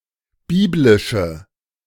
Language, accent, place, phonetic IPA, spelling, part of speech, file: German, Germany, Berlin, [ˈbiːblɪʃə], biblische, adjective, De-biblische.ogg
- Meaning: inflection of biblisch: 1. strong/mixed nominative/accusative feminine singular 2. strong nominative/accusative plural 3. weak nominative all-gender singular